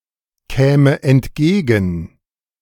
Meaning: first/third-person singular subjunctive II of entgegenkommen
- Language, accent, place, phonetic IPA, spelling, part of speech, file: German, Germany, Berlin, [ˌkɛːmə ɛntˈɡeːɡn̩], käme entgegen, verb, De-käme entgegen.ogg